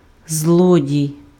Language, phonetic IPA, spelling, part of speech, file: Ukrainian, [ˈzɫɔdʲii̯], злодій, noun, Uk-злодій.ogg
- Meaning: thief